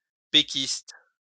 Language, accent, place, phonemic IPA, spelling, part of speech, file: French, France, Lyon, /pe.kist/, péquiste, noun / adjective, LL-Q150 (fra)-péquiste.wav
- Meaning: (noun) a member or supporter of the Parti Québécois; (adjective) of the Parti Québécois